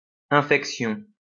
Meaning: 1. infection 2. stench, stink
- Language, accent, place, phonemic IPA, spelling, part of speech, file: French, France, Lyon, /ɛ̃.fɛk.sjɔ̃/, infection, noun, LL-Q150 (fra)-infection.wav